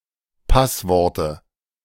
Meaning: dative of Passwort
- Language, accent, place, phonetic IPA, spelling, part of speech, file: German, Germany, Berlin, [ˈpasˌvɔʁtə], Passworte, noun, De-Passworte.ogg